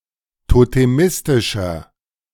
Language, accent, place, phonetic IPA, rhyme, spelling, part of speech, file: German, Germany, Berlin, [toteˈmɪstɪʃɐ], -ɪstɪʃɐ, totemistischer, adjective, De-totemistischer.ogg
- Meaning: inflection of totemistisch: 1. strong/mixed nominative masculine singular 2. strong genitive/dative feminine singular 3. strong genitive plural